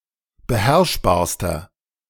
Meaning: inflection of beherrschbar: 1. strong/mixed nominative masculine singular superlative degree 2. strong genitive/dative feminine singular superlative degree 3. strong genitive plural superlative degree
- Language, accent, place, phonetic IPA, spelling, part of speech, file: German, Germany, Berlin, [bəˈhɛʁʃbaːɐ̯stɐ], beherrschbarster, adjective, De-beherrschbarster.ogg